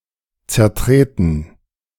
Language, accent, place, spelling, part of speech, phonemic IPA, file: German, Germany, Berlin, zertreten, verb, /tsɛɐ̯ˈtʁeːtn̩/, De-zertreten.ogg
- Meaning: to crush (underfoot), to trample